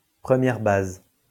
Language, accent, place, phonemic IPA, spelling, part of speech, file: French, France, Lyon, /pʁə.mjɛʁ baz/, première base, noun, LL-Q150 (fra)-première base.wav
- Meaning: alternative form of premier but